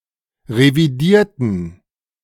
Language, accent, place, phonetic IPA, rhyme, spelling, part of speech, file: German, Germany, Berlin, [ʁeviˈdiːɐ̯tn̩], -iːɐ̯tn̩, revidierten, adjective / verb, De-revidierten.ogg
- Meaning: inflection of revidieren: 1. first/third-person plural preterite 2. first/third-person plural subjunctive II